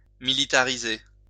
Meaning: to militarize
- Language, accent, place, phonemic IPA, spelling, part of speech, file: French, France, Lyon, /mi.li.ta.ʁi.ze/, militariser, verb, LL-Q150 (fra)-militariser.wav